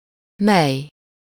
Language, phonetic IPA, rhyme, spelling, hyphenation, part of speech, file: Hungarian, [ˈmɛj], -ɛj, mely, mely, determiner / pronoun, Hu-mely.ogg
- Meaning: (determiner) 1. which 2. what, how; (pronoun) which, that